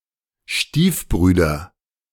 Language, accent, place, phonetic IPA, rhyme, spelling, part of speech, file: German, Germany, Berlin, [ˈʃtiːfˌbʁyːdɐ], -iːfbʁyːdɐ, Stiefbrüder, noun, De-Stiefbrüder.ogg
- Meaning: nominative/accusative/genitive plural of Stiefbruder